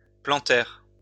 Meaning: plantar
- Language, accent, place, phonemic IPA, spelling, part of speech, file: French, France, Lyon, /plɑ̃.tɛʁ/, plantaire, adjective, LL-Q150 (fra)-plantaire.wav